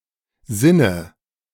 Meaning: inflection of sinnen: 1. first-person singular present 2. first/third-person singular subjunctive I 3. singular imperative
- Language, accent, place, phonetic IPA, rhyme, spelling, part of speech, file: German, Germany, Berlin, [ˈzɪnə], -ɪnə, sinne, verb, De-sinne.ogg